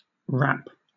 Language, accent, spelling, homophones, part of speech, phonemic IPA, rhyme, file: English, Southern England, wrap, rap, verb / noun, /ɹæp/, -æp, LL-Q1860 (eng)-wrap.wav
- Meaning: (verb) 1. To enclose (an object) completely in any flexible, thin material such as fabric or paper 2. To enclose or coil around an object or organism, as a form of grasping